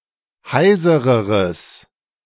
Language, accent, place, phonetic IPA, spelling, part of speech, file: German, Germany, Berlin, [ˈhaɪ̯zəʁəʁəs], heisereres, adjective, De-heisereres.ogg
- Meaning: strong/mixed nominative/accusative neuter singular comparative degree of heiser